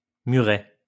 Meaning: 1. a small wall 2. a low stone wall
- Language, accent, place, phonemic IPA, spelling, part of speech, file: French, France, Lyon, /my.ʁɛ/, muret, noun, LL-Q150 (fra)-muret.wav